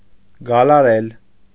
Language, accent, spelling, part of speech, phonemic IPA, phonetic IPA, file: Armenian, Eastern Armenian, գալարել, verb, /ɡɑlɑˈɾel/, [ɡɑlɑɾél], Hy-գալարել.ogg
- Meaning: to coil, twist, bend, curl